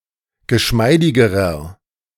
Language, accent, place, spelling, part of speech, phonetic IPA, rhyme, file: German, Germany, Berlin, geschmeidigerer, adjective, [ɡəˈʃmaɪ̯dɪɡəʁɐ], -aɪ̯dɪɡəʁɐ, De-geschmeidigerer.ogg
- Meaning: inflection of geschmeidig: 1. strong/mixed nominative masculine singular comparative degree 2. strong genitive/dative feminine singular comparative degree 3. strong genitive plural comparative degree